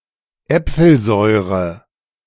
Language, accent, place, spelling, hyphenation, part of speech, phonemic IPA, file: German, Germany, Berlin, Äpfelsäure, Äp‧fel‧säu‧re, noun, /ˈɛp͡fl̩ˌzɔɪ̯ʁə/, De-Äpfelsäure.ogg
- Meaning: malic acid